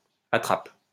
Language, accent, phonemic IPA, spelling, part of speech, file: French, France, /a.tʁap/, attrape, noun / verb, LL-Q150 (fra)-attrape.wav
- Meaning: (noun) 1. trap (device designed to catch or kill animals) 2. dummy, mockup, decoy; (verb) inflection of attraper: first/third-person singular present indicative/subjunctive